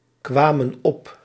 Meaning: inflection of opkomen: 1. plural past indicative 2. plural past subjunctive
- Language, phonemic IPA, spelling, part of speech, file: Dutch, /ˈkwamə(n) ˈɔp/, kwamen op, verb, Nl-kwamen op.ogg